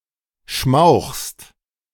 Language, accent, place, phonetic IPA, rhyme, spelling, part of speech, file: German, Germany, Berlin, [ʃmaʊ̯xst], -aʊ̯xst, schmauchst, verb, De-schmauchst.ogg
- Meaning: second-person singular present of schmauchen